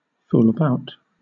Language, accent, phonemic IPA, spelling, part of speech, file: English, Southern England, /ˈfuːl əˈbaʊt/, fool about, verb, LL-Q1860 (eng)-fool about.wav
- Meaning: to fool around